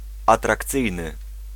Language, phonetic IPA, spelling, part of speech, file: Polish, [ˌatrakˈt͡sɨjnɨ], atrakcyjny, adjective, Pl-atrakcyjny.ogg